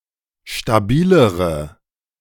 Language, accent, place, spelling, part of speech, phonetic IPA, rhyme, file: German, Germany, Berlin, stabilere, adjective, [ʃtaˈbiːləʁə], -iːləʁə, De-stabilere.ogg
- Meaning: inflection of stabil: 1. strong/mixed nominative/accusative feminine singular comparative degree 2. strong nominative/accusative plural comparative degree